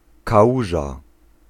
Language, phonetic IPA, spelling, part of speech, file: Polish, [kaˈwuʒa], kałuża, noun, Pl-kałuża.ogg